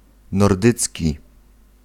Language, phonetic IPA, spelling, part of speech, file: Polish, [nɔrˈdɨt͡sʲci], nordycki, adjective, Pl-nordycki.ogg